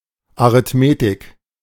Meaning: arithmetic (the mathematics of numbers)
- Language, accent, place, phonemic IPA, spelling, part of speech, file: German, Germany, Berlin, /aʁɪtˈmeːtɪk/, Arithmetik, noun, De-Arithmetik.ogg